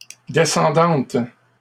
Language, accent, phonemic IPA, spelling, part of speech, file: French, Canada, /de.sɑ̃.dɑ̃t/, descendante, adjective, LL-Q150 (fra)-descendante.wav
- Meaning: feminine singular of descendant